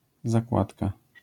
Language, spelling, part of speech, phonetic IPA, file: Polish, zakładka, noun, [zaˈkwatka], LL-Q809 (pol)-zakładka.wav